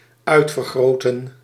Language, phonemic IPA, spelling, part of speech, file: Dutch, /ˈœy̯tfərˌɣroːtə(n)/, uitvergroten, verb, Nl-uitvergroten.ogg
- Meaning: to enlarge